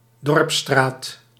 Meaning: a village street, especially the (former) main street or only street of a village
- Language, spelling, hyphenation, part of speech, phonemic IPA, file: Dutch, dorpsstraat, dorps‧straat, noun, /ˈdɔrp.straːt/, Nl-dorpsstraat.ogg